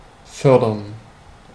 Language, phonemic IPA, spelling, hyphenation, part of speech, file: German, /ˈfœrdərn/, fördern, för‧dern, verb, De-fördern.ogg
- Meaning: 1. to further, foster, advance, encourage, support (promote the development of) 2. to fund, co-fund, to provide financial aid for (a project etc.) 3. to mine (a resource), to win by mining